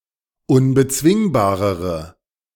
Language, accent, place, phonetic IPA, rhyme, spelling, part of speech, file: German, Germany, Berlin, [ʊnbəˈt͡svɪŋbaːʁəʁə], -ɪŋbaːʁəʁə, unbezwingbarere, adjective, De-unbezwingbarere.ogg
- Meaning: inflection of unbezwingbar: 1. strong/mixed nominative/accusative feminine singular comparative degree 2. strong nominative/accusative plural comparative degree